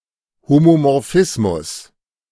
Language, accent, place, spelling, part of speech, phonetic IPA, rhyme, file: German, Germany, Berlin, Homomorphismus, noun, [homomɔʁˈfɪsmʊs], -ɪsmʊs, De-Homomorphismus.ogg
- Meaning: homomorphism (notion in mathematics)